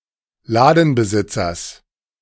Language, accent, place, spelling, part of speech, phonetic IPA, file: German, Germany, Berlin, Ladenbesitzers, noun, [ˈlaːdn̩bəˌzɪt͡sɐs], De-Ladenbesitzers.ogg
- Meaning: genitive singular of Ladenbesitzer